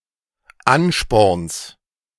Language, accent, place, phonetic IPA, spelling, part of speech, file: German, Germany, Berlin, [ˈanʃpɔʁns], Ansporns, noun, De-Ansporns.ogg
- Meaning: genitive singular of Ansporn